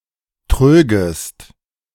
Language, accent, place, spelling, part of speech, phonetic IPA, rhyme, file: German, Germany, Berlin, trögest, verb, [ˈtʁøːɡəst], -øːɡəst, De-trögest.ogg
- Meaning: second-person singular subjunctive II of trügen